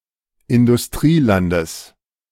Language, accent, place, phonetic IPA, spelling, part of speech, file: German, Germany, Berlin, [ɪndʊsˈtʁiːˌlandəs], Industrielandes, noun, De-Industrielandes.ogg
- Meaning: genitive of Industrieland